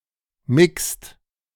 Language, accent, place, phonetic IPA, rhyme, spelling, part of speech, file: German, Germany, Berlin, [mɪkst], -ɪkst, mixt, verb, De-mixt.ogg
- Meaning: inflection of mixen: 1. second-person singular/plural present 2. third-person singular present 3. plural imperative